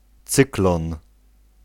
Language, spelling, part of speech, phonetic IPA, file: Polish, cyklon, noun, [ˈt͡sɨklɔ̃n], Pl-cyklon.ogg